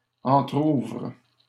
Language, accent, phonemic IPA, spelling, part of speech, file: French, Canada, /ɑ̃.tʁuvʁ/, entrouvrent, verb, LL-Q150 (fra)-entrouvrent.wav
- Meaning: third-person plural present indicative/subjunctive of entrouvrir